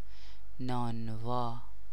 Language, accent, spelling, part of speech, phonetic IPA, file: Persian, Iran, نانوا, noun, [nɒːɱ.vɒː], Fa-نانوا.ogg
- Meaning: baker